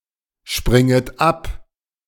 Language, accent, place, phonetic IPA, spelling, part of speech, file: German, Germany, Berlin, [ˌʃpʁɪŋət ˈap], springet ab, verb, De-springet ab.ogg
- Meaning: second-person plural subjunctive I of abspringen